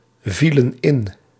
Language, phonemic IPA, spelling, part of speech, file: Dutch, /ˈvilə(n) ˈɪn/, vielen in, verb, Nl-vielen in.ogg
- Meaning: inflection of invallen: 1. plural past indicative 2. plural past subjunctive